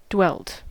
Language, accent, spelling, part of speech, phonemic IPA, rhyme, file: English, US, dwelt, verb, /ˈdwɛlt/, -ɛlt, En-us-dwelt.ogg
- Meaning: simple past and past participle of dwell